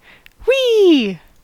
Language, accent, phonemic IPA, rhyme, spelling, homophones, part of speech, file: English, General American, /wiː/, -iː, whee, oui / we / wee, interjection / verb, En-us-whee.ogg
- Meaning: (interjection) An expression of pleasure or enjoyment, mostly from rapid physical motion; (verb) 1. To make a high-pitched sound 2. To cry whee 3. To excite; to arouse; to energize